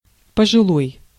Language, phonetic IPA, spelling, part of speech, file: Russian, [pəʐɨˈɫoj], пожилой, adjective, Ru-пожилой.ogg
- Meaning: elderly